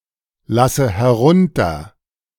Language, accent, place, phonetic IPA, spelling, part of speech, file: German, Germany, Berlin, [ˌlasə hɛˈʁʊntɐ], lasse herunter, verb, De-lasse herunter.ogg
- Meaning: inflection of herunterlassen: 1. first-person singular present 2. first/third-person singular subjunctive I 3. singular imperative